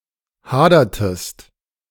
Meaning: inflection of hadern: 1. second-person singular preterite 2. second-person singular subjunctive II
- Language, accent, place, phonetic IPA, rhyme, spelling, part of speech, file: German, Germany, Berlin, [ˈhaːdɐtəst], -aːdɐtəst, hadertest, verb, De-hadertest.ogg